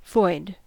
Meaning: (adjective) 1. Containing nothing; empty; not occupied or filled 2. Having no incumbent; unoccupied; said of offices etc 3. Being without; destitute; devoid
- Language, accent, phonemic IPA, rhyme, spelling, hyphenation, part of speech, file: English, US, /vɔɪd/, -ɔɪd, void, void, adjective / noun / verb, En-us-void.ogg